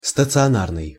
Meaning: 1. stationary, fixed, permanent 2. hospital
- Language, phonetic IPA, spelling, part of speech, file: Russian, [stət͡sɨɐˈnarnɨj], стационарный, adjective, Ru-стационарный.ogg